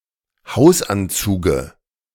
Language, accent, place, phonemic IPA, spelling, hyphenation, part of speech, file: German, Germany, Berlin, /ˈhaʊ̯sʔanˌt͡suːɡə/, Hausanzuge, Haus‧an‧zu‧ge, noun, De-Hausanzuge.ogg
- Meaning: dative singular of Hausanzug